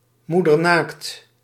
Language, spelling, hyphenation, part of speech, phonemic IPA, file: Dutch, moedernaakt, moe‧der‧naakt, adjective, /ˈmu.dərˌnaːkt/, Nl-moedernaakt.ogg
- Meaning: stark naked, starkers